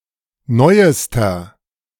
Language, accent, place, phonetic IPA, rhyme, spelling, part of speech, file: German, Germany, Berlin, [ˈnɔɪ̯əstɐ], -ɔɪ̯əstɐ, neuester, adjective, De-neuester.ogg
- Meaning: inflection of neu: 1. strong/mixed nominative masculine singular superlative degree 2. strong genitive/dative feminine singular superlative degree 3. strong genitive plural superlative degree